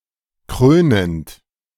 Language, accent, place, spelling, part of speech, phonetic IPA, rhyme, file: German, Germany, Berlin, krönend, verb, [ˈkʁøːnənt], -øːnənt, De-krönend.ogg
- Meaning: present participle of krönen